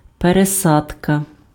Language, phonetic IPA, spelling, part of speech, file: Ukrainian, [pereˈsadkɐ], пересадка, noun, Uk-пересадка.ogg
- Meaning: 1. replanting, transplantation, transplanting 2. transplantation, transplanting, transplant, grafting 3. change (of trains, planes), transfer, connection